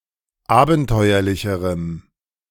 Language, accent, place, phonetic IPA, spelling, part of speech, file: German, Germany, Berlin, [ˈaːbn̩ˌtɔɪ̯ɐlɪçəʁəm], abenteuerlicherem, adjective, De-abenteuerlicherem.ogg
- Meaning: strong dative masculine/neuter singular comparative degree of abenteuerlich